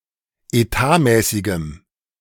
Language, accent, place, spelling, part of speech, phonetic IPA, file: German, Germany, Berlin, etatmäßigem, adjective, [eˈtaːˌmɛːsɪɡəm], De-etatmäßigem.ogg
- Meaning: strong dative masculine/neuter singular of etatmäßig